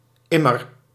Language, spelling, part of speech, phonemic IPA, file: Dutch, immer, adverb, /ˈɪmər/, Nl-immer.ogg
- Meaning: always